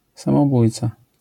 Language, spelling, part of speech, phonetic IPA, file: Polish, samobójca, noun, [ˌsãmɔˈbujt͡sa], LL-Q809 (pol)-samobójca.wav